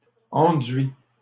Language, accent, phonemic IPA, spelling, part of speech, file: French, Canada, /ɑ̃.dɥi/, enduits, noun, LL-Q150 (fra)-enduits.wav
- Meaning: plural of enduit